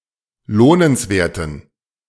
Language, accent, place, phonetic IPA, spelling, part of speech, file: German, Germany, Berlin, [ˈloːnənsˌveːɐ̯tn̩], lohnenswerten, adjective, De-lohnenswerten.ogg
- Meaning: inflection of lohnenswert: 1. strong genitive masculine/neuter singular 2. weak/mixed genitive/dative all-gender singular 3. strong/weak/mixed accusative masculine singular 4. strong dative plural